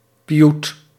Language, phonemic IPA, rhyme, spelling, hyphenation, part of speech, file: Dutch, /piˈ(j)ut/, -ut, pioet, pi‧oet, noun, Nl-pioet.ogg
- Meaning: piyyut, piyut (liturgical poem)